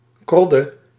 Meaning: 1. a toad 2. an ugly woman 3. synonym of herik (“charlock”) (Rhamphospermum arvense, syns. Sinapis arvensis, etc.)
- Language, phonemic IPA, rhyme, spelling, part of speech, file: Dutch, /ˈkrɔ.də/, -ɔdə, krodde, noun, Nl-krodde.ogg